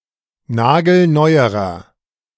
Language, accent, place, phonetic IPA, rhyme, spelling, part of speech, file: German, Germany, Berlin, [ˈnaːɡl̩ˈnɔɪ̯əʁɐ], -ɔɪ̯əʁɐ, nagelneuerer, adjective, De-nagelneuerer.ogg
- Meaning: inflection of nagelneu: 1. strong/mixed nominative masculine singular comparative degree 2. strong genitive/dative feminine singular comparative degree 3. strong genitive plural comparative degree